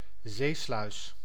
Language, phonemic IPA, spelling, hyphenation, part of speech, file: Dutch, /ˈzeː.slœy̯s/, zeesluis, zee‧sluis, noun, Nl-zeesluis.ogg
- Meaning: a sea lock, a sea sluice